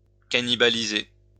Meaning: to cannibalise
- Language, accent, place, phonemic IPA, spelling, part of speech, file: French, France, Lyon, /ka.ni.ba.li.ze/, cannibaliser, verb, LL-Q150 (fra)-cannibaliser.wav